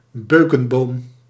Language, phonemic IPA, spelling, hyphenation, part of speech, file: Dutch, /ˈbøː.kə(n)ˌboːm/, beukenboom, beu‧ken‧boom, noun, Nl-beukenboom.ogg
- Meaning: a beech tree, tree of the genus Fagus